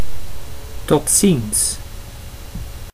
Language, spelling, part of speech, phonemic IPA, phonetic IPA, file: Dutch, tot ziens, phrase, /tɔtˈsins/, [tɔˈtsins], Nl-tot ziens.ogg
- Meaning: see you; bye